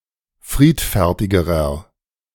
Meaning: inflection of friedfertig: 1. strong/mixed nominative masculine singular comparative degree 2. strong genitive/dative feminine singular comparative degree 3. strong genitive plural comparative degree
- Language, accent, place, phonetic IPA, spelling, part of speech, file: German, Germany, Berlin, [ˈfʁiːtfɛʁtɪɡəʁɐ], friedfertigerer, adjective, De-friedfertigerer.ogg